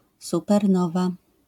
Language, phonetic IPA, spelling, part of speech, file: Polish, [ˌsupɛrˈnɔva], supernowa, noun, LL-Q809 (pol)-supernowa.wav